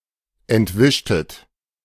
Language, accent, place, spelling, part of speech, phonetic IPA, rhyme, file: German, Germany, Berlin, entwischtet, verb, [ɛntˈvɪʃtət], -ɪʃtət, De-entwischtet.ogg
- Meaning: inflection of entwischen: 1. second-person plural preterite 2. second-person plural subjunctive II